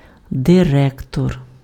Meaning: 1. manager, director, head, CEO 2. principal, headteacher, headmaster
- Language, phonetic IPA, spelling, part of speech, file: Ukrainian, [deˈrɛktɔr], директор, noun, Uk-директор.ogg